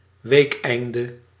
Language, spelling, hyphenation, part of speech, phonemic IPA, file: Dutch, weekeinde, week‧ein‧de, noun, /ˈʋeːkˌɛi̯n.də/, Nl-weekeinde.ogg
- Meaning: weekend, Saturday and Sunday